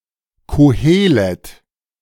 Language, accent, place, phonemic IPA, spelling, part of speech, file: German, Germany, Berlin, /koˈheːlɛt/, Kohelet, proper noun, De-Kohelet.ogg
- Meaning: Ecclesiastes (book of the Bible)